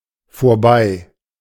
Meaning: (adjective) over, past, up (of time); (adverb) past
- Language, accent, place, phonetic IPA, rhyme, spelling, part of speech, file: German, Germany, Berlin, [foːɐ̯ˈbaɪ̯], -aɪ̯, vorbei, adjective / adverb, De-vorbei.ogg